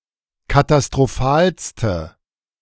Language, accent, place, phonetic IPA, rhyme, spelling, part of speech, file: German, Germany, Berlin, [katastʁoˈfaːlstə], -aːlstə, katastrophalste, adjective, De-katastrophalste.ogg
- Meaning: inflection of katastrophal: 1. strong/mixed nominative/accusative feminine singular superlative degree 2. strong nominative/accusative plural superlative degree